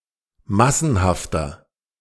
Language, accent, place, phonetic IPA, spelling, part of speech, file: German, Germany, Berlin, [ˈmasn̩haftɐ], massenhafter, adjective, De-massenhafter.ogg
- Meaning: 1. comparative degree of massenhaft 2. inflection of massenhaft: strong/mixed nominative masculine singular 3. inflection of massenhaft: strong genitive/dative feminine singular